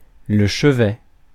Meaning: 1. bedside 2. apse, chevet
- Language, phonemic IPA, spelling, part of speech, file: French, /ʃə.vɛ/, chevet, noun, Fr-chevet.ogg